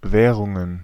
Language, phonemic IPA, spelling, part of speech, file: German, /ˈvɛːʁʊŋən/, Währungen, noun, De-Währungen.ogg
- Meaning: plural of Währung